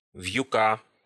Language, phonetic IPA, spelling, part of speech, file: Russian, [v⁽ʲ⁾jʊˈka], вьюка, noun, Ru-вьюка́.ogg
- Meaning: genitive singular of вьюк (vʹjuk)